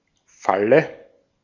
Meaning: 1. trap, snare 2. spring latch 3. bed 4. dative singular of Fall
- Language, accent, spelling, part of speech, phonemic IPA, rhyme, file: German, Austria, Falle, noun, /ˈfalə/, -alə, De-at-Falle.ogg